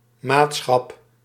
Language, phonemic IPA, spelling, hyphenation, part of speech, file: Dutch, /ˈmaːt.sxɑp/, maatschap, maat‧schap, noun, Nl-maatschap.ogg